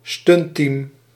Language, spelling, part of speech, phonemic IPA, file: Dutch, stuntteam, noun, /ˈstʏntiːm/, Nl-stuntteam.ogg
- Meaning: a crew of stunt performers that execute an action sequence for a film or any other artistic performance; a stunt team